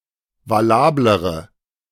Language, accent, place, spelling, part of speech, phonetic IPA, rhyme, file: German, Germany, Berlin, valablere, adjective, [vaˈlaːbləʁə], -aːbləʁə, De-valablere.ogg
- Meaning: inflection of valabel: 1. strong/mixed nominative/accusative feminine singular comparative degree 2. strong nominative/accusative plural comparative degree